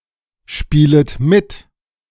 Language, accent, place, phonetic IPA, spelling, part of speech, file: German, Germany, Berlin, [ˌʃpiːlət ˈmɪt], spielet mit, verb, De-spielet mit.ogg
- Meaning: second-person plural subjunctive I of mitspielen